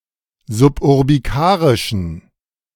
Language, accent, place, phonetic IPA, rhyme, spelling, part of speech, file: German, Germany, Berlin, [zʊpʔʊʁbiˈkaːʁɪʃn̩], -aːʁɪʃn̩, suburbikarischen, adjective, De-suburbikarischen.ogg
- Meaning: inflection of suburbikarisch: 1. strong genitive masculine/neuter singular 2. weak/mixed genitive/dative all-gender singular 3. strong/weak/mixed accusative masculine singular 4. strong dative plural